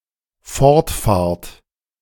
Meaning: second-person plural dependent present of fortfahren
- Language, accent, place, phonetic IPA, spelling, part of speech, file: German, Germany, Berlin, [ˈfɔʁtˌfaːɐ̯t], fortfahrt, verb, De-fortfahrt.ogg